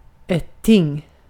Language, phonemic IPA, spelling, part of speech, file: Swedish, /tɪŋ/, ting, noun, Sv-ting.ogg
- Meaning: 1. a thing, an individual object 2. a thing, a court of law; a judicial or legislative assembly